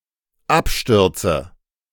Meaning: inflection of abstürzen: 1. first-person singular dependent present 2. first/third-person singular dependent subjunctive I
- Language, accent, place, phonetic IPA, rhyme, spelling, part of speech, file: German, Germany, Berlin, [ˈapˌʃtʏʁt͡sə], -apʃtʏʁt͡sə, abstürze, verb, De-abstürze.ogg